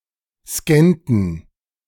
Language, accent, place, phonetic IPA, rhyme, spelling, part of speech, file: German, Germany, Berlin, [ˈskɛntn̩], -ɛntn̩, scannten, verb, De-scannten.ogg
- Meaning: inflection of scannen: 1. first/third-person plural preterite 2. first/third-person plural subjunctive II